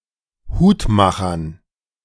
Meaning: dative plural of Hutmacher
- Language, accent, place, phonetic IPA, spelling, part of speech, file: German, Germany, Berlin, [ˈhuːtˌmaxɐn], Hutmachern, noun, De-Hutmachern.ogg